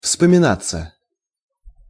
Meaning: 1. to come to mind, to be recalled 2. passive of вспомина́ть (vspominátʹ)
- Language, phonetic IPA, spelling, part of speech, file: Russian, [fspəmʲɪˈnat͡sːə], вспоминаться, verb, Ru-вспоминаться.ogg